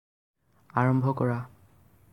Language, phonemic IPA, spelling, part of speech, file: Assamese, /ɑ.ɹɔm.bʱɔ kɔ.ɹɑ/, আৰম্ভ কৰা, verb, As-আৰম্ভ কৰা.ogg
- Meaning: cause to start, begin